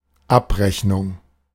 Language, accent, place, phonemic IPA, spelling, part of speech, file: German, Germany, Berlin, /ˈapˌʁɛçnʊŋ/, Abrechnung, noun, De-Abrechnung.ogg
- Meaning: 1. settlement (final invoice) 2. reckoning, payoff